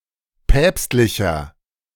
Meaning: 1. comparative degree of päpstlich 2. inflection of päpstlich: strong/mixed nominative masculine singular 3. inflection of päpstlich: strong genitive/dative feminine singular
- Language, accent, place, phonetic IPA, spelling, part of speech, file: German, Germany, Berlin, [ˈpɛːpstlɪçɐ], päpstlicher, adjective, De-päpstlicher.ogg